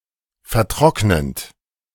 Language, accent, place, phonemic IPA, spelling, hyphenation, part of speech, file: German, Germany, Berlin, /fɛɐ̯ˈtʁɔknənt/, vertrocknend, ver‧trock‧nend, verb, De-vertrocknend.ogg
- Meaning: present participle of vertrocknen